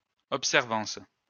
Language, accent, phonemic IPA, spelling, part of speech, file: French, France, /ɔp.sɛʁ.vɑ̃s/, observance, noun, LL-Q150 (fra)-observance.wav
- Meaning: observance